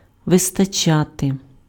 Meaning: to suffice, to be sufficient, to be enough
- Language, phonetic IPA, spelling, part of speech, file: Ukrainian, [ʋestɐˈt͡ʃate], вистачати, verb, Uk-вистачати.ogg